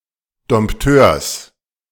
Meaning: genitive singular of Dompteur
- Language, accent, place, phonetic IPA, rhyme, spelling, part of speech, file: German, Germany, Berlin, [dɔmpˈtøːɐ̯s], -øːɐ̯s, Dompteurs, noun, De-Dompteurs.ogg